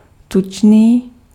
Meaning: 1. fatty (containing fat) 2. bold (of a typeface)
- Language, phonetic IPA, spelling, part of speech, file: Czech, [ˈtut͡ʃniː], tučný, adjective, Cs-tučný.ogg